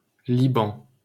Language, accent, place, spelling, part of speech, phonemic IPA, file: French, France, Paris, Liban, proper noun, /li.bɑ̃/, LL-Q150 (fra)-Liban.wav
- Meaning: Lebanon (a country in West Asia in the Middle East)